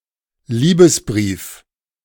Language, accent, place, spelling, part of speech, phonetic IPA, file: German, Germany, Berlin, Liebesbrief, noun, [ˈliːbəsˌbʁiːf], De-Liebesbrief.ogg
- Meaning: love letter